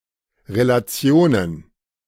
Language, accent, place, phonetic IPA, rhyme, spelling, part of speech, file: German, Germany, Berlin, [ʁelaˈt͡si̯oːnən], -oːnən, Relationen, noun, De-Relationen.ogg
- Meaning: plural of Relation